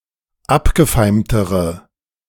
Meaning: inflection of abgefeimt: 1. strong/mixed nominative/accusative feminine singular comparative degree 2. strong nominative/accusative plural comparative degree
- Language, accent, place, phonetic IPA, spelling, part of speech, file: German, Germany, Berlin, [ˈapɡəˌfaɪ̯mtəʁə], abgefeimtere, adjective, De-abgefeimtere.ogg